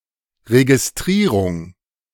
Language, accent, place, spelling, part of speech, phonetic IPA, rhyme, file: German, Germany, Berlin, Registrierung, noun, [ʁeɡisˈtʁiːʁʊŋ], -iːʁʊŋ, De-Registrierung.ogg
- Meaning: registration